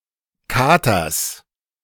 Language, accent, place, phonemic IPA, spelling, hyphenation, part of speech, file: German, Germany, Berlin, /ˈkaːtɐs/, Katers, Ka‧ters, noun, De-Katers.ogg
- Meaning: genitive singular of Kater